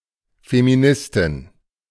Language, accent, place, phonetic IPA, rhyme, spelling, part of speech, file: German, Germany, Berlin, [femiˈnɪstɪn], -ɪstɪn, Feministin, noun, De-Feministin.ogg
- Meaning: feminist (female)